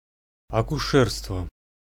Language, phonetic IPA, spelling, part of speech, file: Russian, [ɐkʊˈʂɛrstvə], акушерство, noun, Ru-акушерство.ogg
- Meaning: obstetrics, midwifery